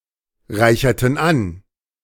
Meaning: inflection of anreichern: 1. first/third-person plural preterite 2. first/third-person plural subjunctive II
- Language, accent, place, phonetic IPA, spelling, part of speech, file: German, Germany, Berlin, [ˌʁaɪ̯çɐtn̩ ˈan], reicherten an, verb, De-reicherten an.ogg